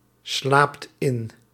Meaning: inflection of inslapen: 1. second/third-person singular present indicative 2. plural imperative
- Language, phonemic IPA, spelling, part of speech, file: Dutch, /ˈslapt ˈɪn/, slaapt in, verb, Nl-slaapt in.ogg